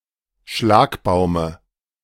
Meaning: dative of Schlagbaum
- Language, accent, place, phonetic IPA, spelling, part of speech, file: German, Germany, Berlin, [ˈʃlaːkbaʊ̯mə], Schlagbaume, noun, De-Schlagbaume.ogg